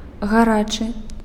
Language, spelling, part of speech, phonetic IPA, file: Belarusian, гарачы, adjective, [ɣaˈrat͡ʂɨ], Be-гарачы.ogg
- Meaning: hot, warm